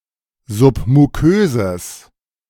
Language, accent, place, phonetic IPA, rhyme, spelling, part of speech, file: German, Germany, Berlin, [ˌzʊpmuˈkøːzəs], -øːzəs, submuköses, adjective, De-submuköses.ogg
- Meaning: strong/mixed nominative/accusative neuter singular of submukös